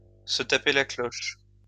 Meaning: to eat very well; to fill one's face
- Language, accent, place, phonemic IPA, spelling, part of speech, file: French, France, Lyon, /sə ta.pe la klɔʃ/, se taper la cloche, verb, LL-Q150 (fra)-se taper la cloche.wav